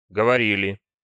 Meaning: plural past indicative imperfective of говори́ть (govorítʹ)
- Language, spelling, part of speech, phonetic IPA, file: Russian, говорили, verb, [ɡəvɐˈrʲilʲɪ], Ru-говорили.ogg